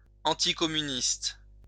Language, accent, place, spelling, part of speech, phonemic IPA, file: French, France, Lyon, anticommuniste, adjective / noun, /ɑ̃.ti.kɔ.my.nist/, LL-Q150 (fra)-anticommuniste.wav
- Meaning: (adjective) anticommunist